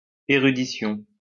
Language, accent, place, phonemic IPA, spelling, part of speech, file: French, France, Lyon, /e.ʁy.di.sjɔ̃/, érudition, noun, LL-Q150 (fra)-érudition.wav
- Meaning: erudition